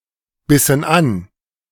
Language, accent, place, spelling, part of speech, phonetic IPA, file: German, Germany, Berlin, bissen an, verb, [ˌbɪsn̩ ˈan], De-bissen an.ogg
- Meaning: inflection of anbeißen: 1. first/third-person plural preterite 2. first/third-person plural subjunctive II